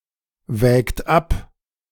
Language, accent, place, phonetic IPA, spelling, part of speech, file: German, Germany, Berlin, [ˌvɛːkt ˈap], wägt ab, verb, De-wägt ab.ogg
- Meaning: inflection of abwägen: 1. third-person singular present 2. second-person plural present 3. plural imperative